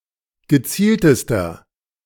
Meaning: inflection of gezielt: 1. strong/mixed nominative masculine singular superlative degree 2. strong genitive/dative feminine singular superlative degree 3. strong genitive plural superlative degree
- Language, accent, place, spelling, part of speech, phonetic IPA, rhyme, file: German, Germany, Berlin, gezieltester, adjective, [ɡəˈt͡siːltəstɐ], -iːltəstɐ, De-gezieltester.ogg